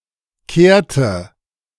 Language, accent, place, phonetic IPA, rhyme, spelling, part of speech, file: German, Germany, Berlin, [ˈkeːɐ̯tə], -eːɐ̯tə, kehrte, verb, De-kehrte.ogg
- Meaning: inflection of kehren: 1. first/third-person singular preterite 2. first/third-person singular subjunctive II